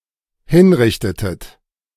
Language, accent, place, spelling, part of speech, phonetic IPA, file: German, Germany, Berlin, hinrichtetet, verb, [ˈhɪnˌʁɪçtətət], De-hinrichtetet.ogg
- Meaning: inflection of hinrichten: 1. second-person plural dependent preterite 2. second-person plural dependent subjunctive II